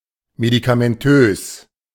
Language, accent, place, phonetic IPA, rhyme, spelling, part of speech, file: German, Germany, Berlin, [medikamɛnˈtøːs], -øːs, medikamentös, adjective, De-medikamentös.ogg
- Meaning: medication-based, medicamentous (involving the administration of medication)